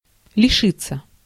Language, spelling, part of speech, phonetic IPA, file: Russian, лишиться, verb, [lʲɪˈʂɨt͡sːə], Ru-лишиться.ogg
- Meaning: 1. to be deprived of, to lose 2. passive of лиши́ть (lišítʹ)